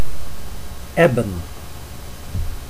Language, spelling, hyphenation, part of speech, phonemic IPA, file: Dutch, ebben, eb‧ben, verb / noun / adjective, /ˈɛbə(n)/, Nl-ebben.ogg
- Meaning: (verb) to ebb, to recede (especially of tides); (noun) ebony (wood); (adjective) ebony (made of ebony wood)